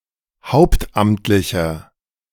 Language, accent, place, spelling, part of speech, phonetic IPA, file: German, Germany, Berlin, hauptamtlicher, adjective, [ˈhaʊ̯ptˌʔamtlɪçɐ], De-hauptamtlicher.ogg
- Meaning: inflection of hauptamtlich: 1. strong/mixed nominative masculine singular 2. strong genitive/dative feminine singular 3. strong genitive plural